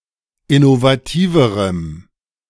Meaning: strong dative masculine/neuter singular comparative degree of innovativ
- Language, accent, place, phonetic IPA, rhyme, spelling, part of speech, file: German, Germany, Berlin, [ɪnovaˈtiːvəʁəm], -iːvəʁəm, innovativerem, adjective, De-innovativerem.ogg